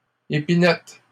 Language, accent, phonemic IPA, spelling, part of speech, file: French, Canada, /e.pi.nɛt/, épinettes, noun, LL-Q150 (fra)-épinettes.wav
- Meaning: plural of épinette